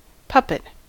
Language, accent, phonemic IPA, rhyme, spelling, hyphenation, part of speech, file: English, US, /ˈpʌpɪt/, -ʌpɪt, puppet, pup‧pet, noun / verb, En-us-puppet.ogg
- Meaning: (noun) 1. Any small model of a person or animal able to be moved by strings or rods, or in the form of a glove 2. A person, country, etc, controlled by another